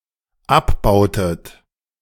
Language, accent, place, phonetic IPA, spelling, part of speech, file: German, Germany, Berlin, [ˈapˌbaʊ̯tət], abbautet, verb, De-abbautet.ogg
- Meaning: inflection of abbauen: 1. second-person plural dependent preterite 2. second-person plural dependent subjunctive II